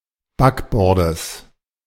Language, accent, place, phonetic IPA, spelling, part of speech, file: German, Germany, Berlin, [ˈbakˌbɔʁdəs], Backbordes, noun, De-Backbordes.ogg
- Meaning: genitive singular of Backbord